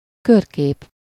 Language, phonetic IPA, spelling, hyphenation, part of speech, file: Hungarian, [ˈkørkeːp], körkép, kör‧kép, noun, Hu-körkép.ogg
- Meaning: cyclorama (a continuous series of pictures in a circular room)